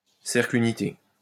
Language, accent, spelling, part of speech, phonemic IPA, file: French, France, cercle unité, noun, /sɛʁkl y.ni.te/, LL-Q150 (fra)-cercle unité.wav
- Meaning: unit circle (circle of radius 1)